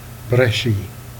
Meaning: armful
- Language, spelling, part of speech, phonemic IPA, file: Jèrriais, braichie, noun, /brɛ.ʃi/, Jer-braichie.ogg